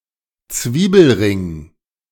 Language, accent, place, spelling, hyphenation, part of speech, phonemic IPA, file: German, Germany, Berlin, Zwiebelring, Zwie‧bel‧ring, noun, /ˈt͡sviːbl̩ˌʁɪŋ/, De-Zwiebelring.ogg
- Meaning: onion ring